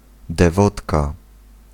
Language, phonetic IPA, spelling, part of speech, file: Polish, [dɛˈvɔtka], dewotka, noun, Pl-dewotka.ogg